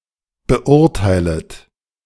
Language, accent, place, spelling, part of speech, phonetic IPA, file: German, Germany, Berlin, beurteilet, verb, [bəˈʔʊʁtaɪ̯lət], De-beurteilet.ogg
- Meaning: second-person plural subjunctive I of beurteilen